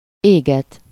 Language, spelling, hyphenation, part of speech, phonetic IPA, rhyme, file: Hungarian, éget, éget, verb, [ˈeːɡɛt], -ɛt, Hu-éget.ogg
- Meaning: causative of ég: to burn (to cause to be consumed by fire)